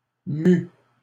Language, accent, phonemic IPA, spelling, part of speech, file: French, Canada, /my/, mû, verb, LL-Q150 (fra)-mû.wav
- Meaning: past participle of mouvoir